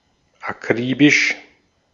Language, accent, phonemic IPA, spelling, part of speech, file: German, Austria, /aˈkʁiːbɪʃ/, akribisch, adjective, De-at-akribisch.ogg
- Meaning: meticulous